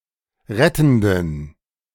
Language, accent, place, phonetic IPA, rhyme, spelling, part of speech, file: German, Germany, Berlin, [ˈʁɛtn̩dən], -ɛtn̩dən, rettenden, adjective, De-rettenden.ogg
- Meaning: inflection of rettend: 1. strong genitive masculine/neuter singular 2. weak/mixed genitive/dative all-gender singular 3. strong/weak/mixed accusative masculine singular 4. strong dative plural